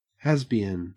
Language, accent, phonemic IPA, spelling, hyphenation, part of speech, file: English, Australia, /ˈhæz.bi.ən/, hasbian, has‧bi‧an, noun, En-au-hasbian.ogg
- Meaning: A woman who formerly identified as lesbian but now identifies as heterosexual or bisexual